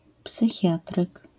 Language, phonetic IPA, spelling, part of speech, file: Polish, [psɨˈxʲjatrɨk], psychiatryk, noun, LL-Q809 (pol)-psychiatryk.wav